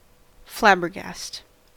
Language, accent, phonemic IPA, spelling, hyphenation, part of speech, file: English, General American, /ˈflæbɚˌɡæst/, flabbergast, flab‧ber‧gast, verb / noun, En-us-flabbergast.ogg
- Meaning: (verb) To overwhelm with bewilderment; to amaze, confound, or stun, especially in a ludicrous manner; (noun) 1. An awkward person 2. Overwhelming confusion, shock, or surprise